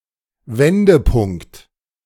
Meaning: 1. turning point 2. inflection point
- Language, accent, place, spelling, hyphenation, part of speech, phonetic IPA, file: German, Germany, Berlin, Wendepunkt, Wen‧de‧punkt, noun, [ˈvɛndəˌpʊŋkt], De-Wendepunkt.ogg